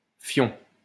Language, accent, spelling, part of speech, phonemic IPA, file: French, France, fion, noun, /fjɔ̃/, LL-Q150 (fra)-fion.wav
- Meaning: arse, arsehole